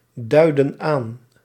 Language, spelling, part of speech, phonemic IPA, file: Dutch, duidden aan, verb, /ˈdœydə(n) ˈan/, Nl-duidden aan.ogg
- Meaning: inflection of aanduiden: 1. plural past indicative 2. plural past subjunctive